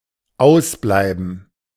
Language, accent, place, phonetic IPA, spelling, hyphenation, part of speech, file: German, Germany, Berlin, [ˈaʊ̯sˌblaɪ̯bn̩], ausbleiben, aus‧blei‧ben, verb, De-ausbleiben.ogg
- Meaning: to be absent